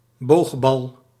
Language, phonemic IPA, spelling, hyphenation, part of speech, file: Dutch, /ˈboːx.bɑl/, boogbal, boog‧bal, noun, Nl-boogbal.ogg
- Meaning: lob (arching shot or pass)